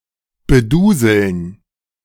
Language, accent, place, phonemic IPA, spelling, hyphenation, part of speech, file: German, Germany, Berlin, /bəˈduːzl̩n/, beduseln, be‧du‧seln, verb, De-beduseln.ogg
- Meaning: to inebriate